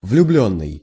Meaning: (verb) past passive perfective participle of влюби́ть (vljubítʹ); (adjective) in love, enamored (affected with love, experiencing love; of a person)
- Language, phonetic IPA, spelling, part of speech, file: Russian, [vlʲʊˈblʲɵnːɨj], влюблённый, verb / adjective / noun, Ru-влюблённый.ogg